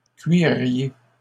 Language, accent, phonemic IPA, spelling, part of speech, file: French, Canada, /kɥi.ʁje/, cuiriez, verb, LL-Q150 (fra)-cuiriez.wav
- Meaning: 1. inflection of cuirer: second-person plural imperfect indicative 2. inflection of cuirer: second-person plural present subjunctive 3. second-person plural conditional of cuire